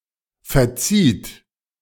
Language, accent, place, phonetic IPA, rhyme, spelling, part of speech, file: German, Germany, Berlin, [fɛɐ̯ˈt͡siːt], -iːt, verzieht, verb, De-verzieht.ogg
- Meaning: 1. second-person plural preterite of verzeihen 2. inflection of verziehen: third-person singular present 3. inflection of verziehen: second-person plural present